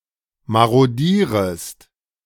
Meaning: second-person singular subjunctive I of marodieren
- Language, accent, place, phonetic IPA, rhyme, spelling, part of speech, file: German, Germany, Berlin, [ˌmaʁoˈdiːʁəst], -iːʁəst, marodierest, verb, De-marodierest.ogg